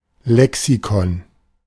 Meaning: reference book (a book, usually alphabetically ordered, in which definitions and facts can be looked up, such as an encyclopaedia, dictionary, etc.)
- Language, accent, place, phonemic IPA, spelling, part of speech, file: German, Germany, Berlin, /ˈlɛksikɔn/, Lexikon, noun, De-Lexikon.ogg